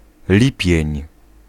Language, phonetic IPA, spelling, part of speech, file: Polish, [ˈlʲipʲjɛ̇̃ɲ], lipień, noun, Pl-lipień.ogg